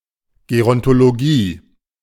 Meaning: gerontology
- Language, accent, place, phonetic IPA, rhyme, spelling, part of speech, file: German, Germany, Berlin, [ɡeʁɔntoloˈɡiː], -iː, Gerontologie, noun, De-Gerontologie.ogg